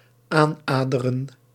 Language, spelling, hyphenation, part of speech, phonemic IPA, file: Dutch, aannaderen, aan‧na‧de‧ren, verb, /ˈaː(n)ˌnaː.də.rə(n)/, Nl-aannaderen.ogg
- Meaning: to approach, to come near